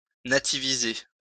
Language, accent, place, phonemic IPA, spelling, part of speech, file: French, France, Lyon, /na.ti.vi.ze/, nativiser, verb, LL-Q150 (fra)-nativiser.wav
- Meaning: to nativize